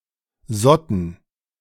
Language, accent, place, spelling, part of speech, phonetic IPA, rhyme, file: German, Germany, Berlin, sotten, verb, [ˈzɔtn̩], -ɔtn̩, De-sotten.ogg
- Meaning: first/third-person plural preterite of sieden